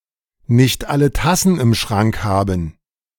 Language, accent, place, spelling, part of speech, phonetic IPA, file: German, Germany, Berlin, nicht alle Tassen im Schrank haben, phrase, [nɪçt ˈalə ˈtasn̩ ɪm ˈʃʁaŋk ˈhaːbm̩], De-nicht alle Tassen im Schrank haben.ogg
- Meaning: to not have all one's marbles, (being) a few cards short of a deck, have a screw loose